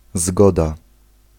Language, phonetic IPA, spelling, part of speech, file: Polish, [ˈzɡɔda], zgoda, noun / particle, Pl-zgoda.ogg